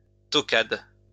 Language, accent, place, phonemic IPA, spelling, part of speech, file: French, France, Lyon, /tɔ.kad/, toquade, noun, LL-Q150 (fra)-toquade.wav
- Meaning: 1. fad, fancy 2. infatuation